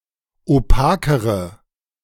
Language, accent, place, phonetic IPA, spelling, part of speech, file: German, Germany, Berlin, [oˈpaːkəʁə], opakere, adjective, De-opakere.ogg
- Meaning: inflection of opak: 1. strong/mixed nominative/accusative feminine singular comparative degree 2. strong nominative/accusative plural comparative degree